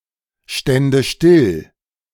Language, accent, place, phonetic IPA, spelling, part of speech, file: German, Germany, Berlin, [ˌʃtɛndə ˈʃtɪl], stände still, verb, De-stände still.ogg
- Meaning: first/third-person singular subjunctive II of stillstehen